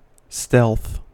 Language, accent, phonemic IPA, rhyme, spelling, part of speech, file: English, US, /stɛlθ/, -ɛlθ, stealth, noun / verb / adjective, En-us-stealth.ogg
- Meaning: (noun) 1. The attribute or characteristic of acting in secrecy, or in such a way that the actions are unnoticed or difficult to detect by others 2. An act of secrecy, especially one involving thievery